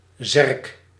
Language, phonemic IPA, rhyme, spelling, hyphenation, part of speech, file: Dutch, /zɛrk/, -ɛrk, zerk, zerk, noun, Nl-zerk.ogg
- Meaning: gravestone, headstone